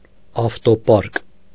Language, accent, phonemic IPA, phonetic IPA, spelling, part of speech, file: Armenian, Eastern Armenian, /ɑftoˈpɑɾk/, [ɑftopɑ́ɾk], ավտոպարկ, noun, Hy-ավտոպարկ.ogg
- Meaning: 1. vehicle fleet 2. company or complex for storing, maintaining and repairing a vehicle fleet